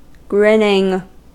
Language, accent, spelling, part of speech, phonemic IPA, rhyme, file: English, US, grinning, verb / noun, /ˈɡɹɪnɪŋ/, -ɪnɪŋ, En-us-grinning.ogg
- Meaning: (verb) present participle and gerund of grin; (noun) The act or expression of one who grins